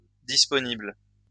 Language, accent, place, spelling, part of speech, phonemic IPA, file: French, France, Lyon, disponibles, adjective, /dis.pɔ.nibl/, LL-Q150 (fra)-disponibles.wav
- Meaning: plural of disponible